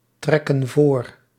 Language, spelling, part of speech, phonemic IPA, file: Dutch, trekken voor, verb, /ˈtrɛkə(n) ˈvor/, Nl-trekken voor.ogg
- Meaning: inflection of voortrekken: 1. plural present indicative 2. plural present subjunctive